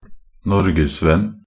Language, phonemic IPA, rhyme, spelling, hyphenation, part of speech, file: Norwegian Bokmål, /ˈnɔrɡɛsvɛn/, -ɛn, norgesvenn, nor‧ges‧venn, noun, Nb-norgesvenn.ogg
- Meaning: a foreigner who is fond of Norway and Norwegians (literally; friend of Norway)